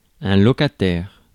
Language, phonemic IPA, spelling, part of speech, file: French, /lɔ.ka.tɛʁ/, locataire, noun, Fr-locataire.ogg
- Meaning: renter, tenant, lessee